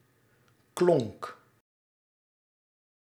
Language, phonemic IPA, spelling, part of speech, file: Dutch, /klɔŋk/, klonk, verb, Nl-klonk.ogg
- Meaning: singular past indicative of klinken